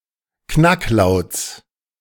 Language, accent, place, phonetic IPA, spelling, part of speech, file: German, Germany, Berlin, [ˈknakˌlaʊ̯t͡s], Knacklauts, noun, De-Knacklauts.ogg
- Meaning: genitive singular of Knacklaut